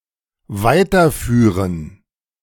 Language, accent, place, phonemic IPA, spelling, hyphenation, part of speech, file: German, Germany, Berlin, /ˈvaɪ̯tɐˌfyːʁən/, weiterführen, wei‧ter‧füh‧ren, verb, De-weiterführen.ogg
- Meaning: to continue